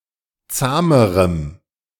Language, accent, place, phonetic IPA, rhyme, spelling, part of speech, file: German, Germany, Berlin, [ˈt͡saːməʁəm], -aːməʁəm, zahmerem, adjective, De-zahmerem.ogg
- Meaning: strong dative masculine/neuter singular comparative degree of zahm